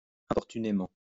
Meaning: 1. undesirably 2. unwelcomely 3. intrusively
- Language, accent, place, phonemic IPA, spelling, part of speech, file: French, France, Lyon, /ɛ̃.pɔʁ.ty.ne.mɑ̃/, importunément, adverb, LL-Q150 (fra)-importunément.wav